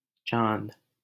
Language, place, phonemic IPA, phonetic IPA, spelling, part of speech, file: Hindi, Delhi, /t͡ʃɑːnd̪/, [t͡ʃä̃ːn̪d̪], चांद, noun, LL-Q1568 (hin)-चांद.wav
- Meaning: alternative form of चाँद (cā̃d, “moon”)